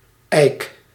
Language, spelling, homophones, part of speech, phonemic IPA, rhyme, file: Dutch, ijk, eik, noun / verb, /ɛi̯k/, -ɛi̯k, Nl-ijk.ogg
- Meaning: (noun) gauge; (verb) inflection of ijken: 1. first-person singular present indicative 2. second-person singular present indicative 3. imperative